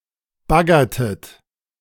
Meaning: inflection of baggern: 1. second-person plural preterite 2. second-person plural subjunctive II
- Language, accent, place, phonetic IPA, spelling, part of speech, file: German, Germany, Berlin, [ˈbaɡɐtət], baggertet, verb, De-baggertet.ogg